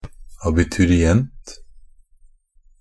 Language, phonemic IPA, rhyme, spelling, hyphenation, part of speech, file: Norwegian Bokmål, /abɪtʉrɪˈɛnt/, -ɛnt, abiturient, a‧bi‧tu‧ri‧ent, noun, NB - Pronunciation of Norwegian Bokmål «abiturient».ogg
- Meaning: an Abiturient (a student in the German education system who is taking, or who has taken and passed, the Abitur)